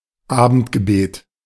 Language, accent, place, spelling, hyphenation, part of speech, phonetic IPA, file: German, Germany, Berlin, Abendgebet, Abend‧ge‧bet, noun, [ˈaːbn̩tɡəˌbeːt], De-Abendgebet.ogg
- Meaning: evening prayer